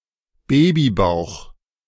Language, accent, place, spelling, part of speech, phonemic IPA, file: German, Germany, Berlin, Babybauch, noun, /ˈbeːbiˌbaʊ̯x/, De-Babybauch.ogg
- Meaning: 1. baby bump (belly of a pregnant woman) 2. a baby's belly